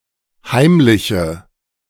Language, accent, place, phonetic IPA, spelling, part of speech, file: German, Germany, Berlin, [ˈhaɪ̯mlɪçə], heimliche, adjective, De-heimliche.ogg
- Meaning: inflection of heimlich: 1. strong/mixed nominative/accusative feminine singular 2. strong nominative/accusative plural 3. weak nominative all-gender singular